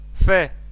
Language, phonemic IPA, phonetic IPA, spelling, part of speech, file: Armenian, /fe/, [fe], ֆե, noun, Hy-ֆե.ogg
- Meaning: the name of the Armenian letter ֆ (f)